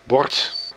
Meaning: 1. plate, dish (cutlery) 2. plank, board (as in "blackboard" (see schoolbord) or as in "chessboard" (see schaakbord)) 3. sign (traffic, etc.)
- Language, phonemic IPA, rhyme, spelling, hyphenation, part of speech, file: Dutch, /bɔrt/, -ɔrt, bord, bord, noun, Nl-bord.ogg